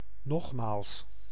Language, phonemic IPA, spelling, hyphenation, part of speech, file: Dutch, /ˈnɔx.maːls/, nogmaals, nog‧maals, adverb, Nl-nogmaals.ogg
- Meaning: once again